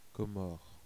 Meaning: Comoros (a country and group of islands in the Indian Ocean off the coast of East Africa)
- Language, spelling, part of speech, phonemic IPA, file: French, Comores, proper noun, /kɔ.mɔʁ/, Fr-Comores.ogg